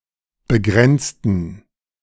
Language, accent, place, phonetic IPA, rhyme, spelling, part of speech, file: German, Germany, Berlin, [bəˈɡʁɛnt͡stn̩], -ɛnt͡stn̩, begrenzten, adjective / verb, De-begrenzten.ogg
- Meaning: inflection of begrenzen: 1. first/third-person plural preterite 2. first/third-person plural subjunctive II